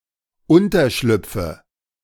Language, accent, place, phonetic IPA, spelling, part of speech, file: German, Germany, Berlin, [ˈʊntɐˌʃlʏp͡fə], Unterschlüpfe, noun, De-Unterschlüpfe.ogg
- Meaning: nominative/accusative/genitive plural of Unterschlupf